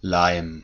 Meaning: glue
- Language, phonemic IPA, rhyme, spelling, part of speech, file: German, /laɪ̯m/, -aɪ̯m, Leim, noun, De-Leim.ogg